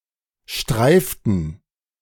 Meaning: inflection of streifen: 1. first/third-person plural preterite 2. first/third-person plural subjunctive II
- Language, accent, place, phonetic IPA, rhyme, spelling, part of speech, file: German, Germany, Berlin, [ˈʃtʁaɪ̯ftn̩], -aɪ̯ftn̩, streiften, verb, De-streiften.ogg